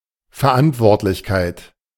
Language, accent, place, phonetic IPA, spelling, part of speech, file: German, Germany, Berlin, [fɛɐ̯ˈʔantvɔʁtlɪçkaɪ̯t], Verantwortlichkeit, noun, De-Verantwortlichkeit.ogg
- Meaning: responsibility